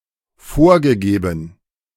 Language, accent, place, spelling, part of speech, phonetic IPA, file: German, Germany, Berlin, vorgegeben, verb, [ˈfoːɐ̯ɡəˌɡeːbn̩], De-vorgegeben.ogg
- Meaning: past participle of vorgeben